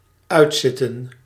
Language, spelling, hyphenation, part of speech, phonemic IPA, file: Dutch, uitzitten, uit‧zit‧ten, verb, /ˈœy̯tˌsɪ.tə(n)/, Nl-uitzitten.ogg
- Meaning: 1. to remain for the duration of; to sit for the duration of, to remain seated for the duration of 2. to serve time (of a prison sentence) until completion